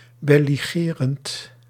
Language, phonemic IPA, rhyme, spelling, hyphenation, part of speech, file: Dutch, /bɛ.li.ɣəˈrɛnt/, -ɛnt, belligerent, bel‧li‧ge‧rent, adjective / noun, Nl-belligerent.ogg
- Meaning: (adjective) belligerent, engaged in warfare; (noun) a belligerent, armed party in warfare